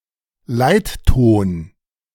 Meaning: leading tone
- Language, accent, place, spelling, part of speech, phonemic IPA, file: German, Germany, Berlin, Leitton, noun, /ˈlaɪ̯t.toːn/, De-Leitton.ogg